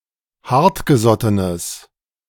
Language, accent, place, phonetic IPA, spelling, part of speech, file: German, Germany, Berlin, [ˈhaʁtɡəˌzɔtənəs], hartgesottenes, adjective, De-hartgesottenes.ogg
- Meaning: strong/mixed nominative/accusative neuter singular of hartgesotten